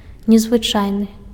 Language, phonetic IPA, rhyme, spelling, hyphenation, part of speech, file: Belarusian, [nʲezvɨˈt͡ʂajnɨ], -ajnɨ, незвычайны, нез‧вы‧чай‧ны, adjective, Be-незвычайны.ogg
- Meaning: 1. exceptional (which stands out among others) 2. amazing, incredible 3. extraordinary (very strong in power of manifestation) 4. special (not as usual, as always)